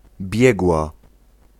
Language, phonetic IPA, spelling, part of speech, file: Polish, [ˈbʲjɛɡwa], biegła, noun / adjective / verb, Pl-biegła.ogg